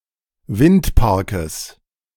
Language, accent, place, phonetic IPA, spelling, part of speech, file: German, Germany, Berlin, [ˈvɪntˌpaʁkəs], Windparkes, noun, De-Windparkes.ogg
- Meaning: genitive singular of Windpark